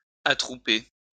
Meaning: to gather (a group of people) together, to assemble
- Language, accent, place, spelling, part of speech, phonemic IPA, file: French, France, Lyon, attrouper, verb, /a.tʁu.pe/, LL-Q150 (fra)-attrouper.wav